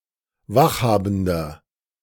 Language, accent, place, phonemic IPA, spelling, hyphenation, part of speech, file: German, Germany, Berlin, /ˈvaxˌhaːbn̩dɐ/, Wachhabender, Wach‧ha‧ben‧der, noun, De-Wachhabender.ogg
- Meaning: 1. watchman (male or of unspecified gender) 2. inflection of Wachhabende: strong genitive/dative singular 3. inflection of Wachhabende: strong genitive plural